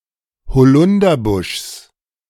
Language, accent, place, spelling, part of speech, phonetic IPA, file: German, Germany, Berlin, Holunderbuschs, noun, [hoˈlʊndɐˌbʊʃs], De-Holunderbuschs.ogg
- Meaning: genitive singular of Holunderbusch